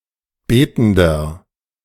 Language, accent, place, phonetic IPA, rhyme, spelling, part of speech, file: German, Germany, Berlin, [ˈbeːtn̩dɐ], -eːtn̩dɐ, betender, adjective, De-betender.ogg
- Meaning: inflection of betend: 1. strong/mixed nominative masculine singular 2. strong genitive/dative feminine singular 3. strong genitive plural